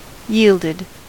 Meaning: simple past and past participle of yield
- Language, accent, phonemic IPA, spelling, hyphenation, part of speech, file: English, US, /ˈjiːldɪd/, yielded, yield‧ed, verb, En-us-yielded.ogg